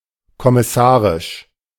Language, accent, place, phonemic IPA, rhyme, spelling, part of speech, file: German, Germany, Berlin, /kɔmɪˈsaːʁɪʃ/, -aːʁɪʃ, kommissarisch, adjective, De-kommissarisch.ogg
- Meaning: 1. provisional, temporary 2. deputy 3. acting